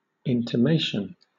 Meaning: 1. A hint; an indirect suggestion 2. The act of intimating 3. Announcement; declaration 4. The thing intimated
- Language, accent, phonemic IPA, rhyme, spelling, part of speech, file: English, Southern England, /ˌɪntəˈmeɪʃən/, -eɪʃən, intimation, noun, LL-Q1860 (eng)-intimation.wav